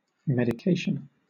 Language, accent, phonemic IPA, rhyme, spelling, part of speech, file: English, Southern England, /mɛdɪˈkeɪʃən/, -eɪʃən, medication, noun, LL-Q1860 (eng)-medication.wav
- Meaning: 1. A medicine, or all the medicines regularly taken by a patient 2. The administration of medicine